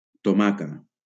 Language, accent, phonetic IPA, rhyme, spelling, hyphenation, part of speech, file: Catalan, Valencia, [toˈma.ka], -aka, tomaca, to‧ma‧ca, noun, LL-Q7026 (cat)-tomaca.wav
- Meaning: alternative form of tomàquet